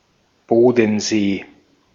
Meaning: 1. Lake Constance 2. a municipality of Lower Saxony, Germany
- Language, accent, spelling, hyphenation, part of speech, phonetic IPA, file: German, Austria, Bodensee, Bo‧den‧see, proper noun, [ˈboːdn̩ˌzeː], De-at-Bodensee.ogg